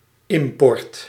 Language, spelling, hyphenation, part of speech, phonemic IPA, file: Dutch, import, im‧port, noun, /ˈɪm.pɔrt/, Nl-import.ogg
- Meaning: 1. geographical import 2. a person or people who is/are not native to a city, village or region, but moved there from outside